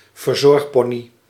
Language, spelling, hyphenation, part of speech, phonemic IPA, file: Dutch, verzorgpony, ver‧zorg‧po‧ny, noun, /vərˈzɔrxˌpɔ.ni/, Nl-verzorgpony.ogg
- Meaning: a pony for whom one cares (grooms, walks or rides, treats, etc.) as a non-owner, a common pastime among teenage girls